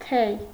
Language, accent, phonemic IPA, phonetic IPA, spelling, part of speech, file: Armenian, Eastern Armenian, /tʰej/, [tʰej], թեյ, noun, Hy-թեյ.ogg
- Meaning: tea